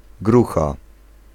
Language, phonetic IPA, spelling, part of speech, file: Polish, [ˈɡruxa], grucha, noun / verb, Pl-grucha.ogg